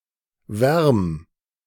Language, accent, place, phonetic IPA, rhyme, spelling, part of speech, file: German, Germany, Berlin, [vɛʁm], -ɛʁm, wärm, verb, De-wärm.ogg
- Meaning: 1. singular imperative of wärmen 2. first-person singular present of wärmen